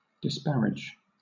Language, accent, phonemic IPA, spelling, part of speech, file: English, Southern England, /dɪsˈpæɹɪd͡ʒ/, disparage, noun / verb, LL-Q1860 (eng)-disparage.wav
- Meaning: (noun) Inequality in marriage; marriage with an inferior; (verb) To match unequally; to degrade or dishonor